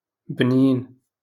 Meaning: delicious
- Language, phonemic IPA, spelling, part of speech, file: Moroccan Arabic, /bniːn/, بنين, adjective, LL-Q56426 (ary)-بنين.wav